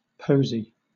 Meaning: 1. A flower; a small bouquet; a nosegay 2. A verse of poetry, especially a motto or an inscription on a ring
- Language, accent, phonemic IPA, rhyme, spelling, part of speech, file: English, Southern England, /ˈpəʊzi/, -əʊzi, posy, noun, LL-Q1860 (eng)-posy.wav